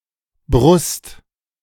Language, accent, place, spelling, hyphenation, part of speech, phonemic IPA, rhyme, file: German, Germany, Berlin, Brust, Brust, noun, /bʁʊst/, -ʊst, De-Brust2.ogg
- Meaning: 1. chest 2. breast (of a woman); side of the chest (of a man) 3. bosom (seat of thoughts and feelings) 4. clipping of Brustschwimmen